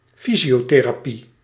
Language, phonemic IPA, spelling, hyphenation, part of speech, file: Dutch, /ˈfi.zi.oː.teː.raːˌpi/, fysiotherapie, fy‧sio‧the‧ra‧pie, noun, Nl-fysiotherapie.ogg
- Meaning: physiotherapy